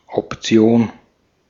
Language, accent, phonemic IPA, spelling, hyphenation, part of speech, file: German, Austria, /ɔp.tsi̯ˈoːn/, Option, Op‧ti‧on, noun, De-at-Option.ogg
- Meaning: option